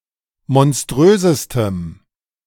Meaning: strong dative masculine/neuter singular superlative degree of monströs
- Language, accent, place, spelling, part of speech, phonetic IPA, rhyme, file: German, Germany, Berlin, monströsestem, adjective, [mɔnˈstʁøːzəstəm], -øːzəstəm, De-monströsestem.ogg